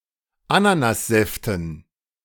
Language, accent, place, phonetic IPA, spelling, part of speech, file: German, Germany, Berlin, [ˈananasˌzɛftn̩], Ananassäften, noun, De-Ananassäften.ogg
- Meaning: dative plural of Ananassaft